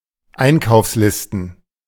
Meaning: plural of Einkaufsliste
- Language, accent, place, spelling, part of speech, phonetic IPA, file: German, Germany, Berlin, Einkaufslisten, noun, [ˈaɪ̯nkaʊ̯fsˌlɪstn̩], De-Einkaufslisten.ogg